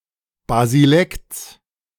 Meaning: genitive of Basilekt
- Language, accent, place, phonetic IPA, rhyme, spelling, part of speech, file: German, Germany, Berlin, [baziˈlɛkt͡s], -ɛkt͡s, Basilekts, noun, De-Basilekts.ogg